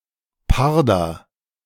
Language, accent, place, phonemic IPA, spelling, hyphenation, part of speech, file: German, Germany, Berlin, /ˈpaʁdɐ/, Parder, Par‧der, noun, De-Parder.ogg
- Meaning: leopard